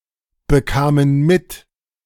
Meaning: first/third-person plural preterite of mitbekommen
- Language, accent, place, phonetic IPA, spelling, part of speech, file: German, Germany, Berlin, [bəˌkaːmən ˈmɪt], bekamen mit, verb, De-bekamen mit.ogg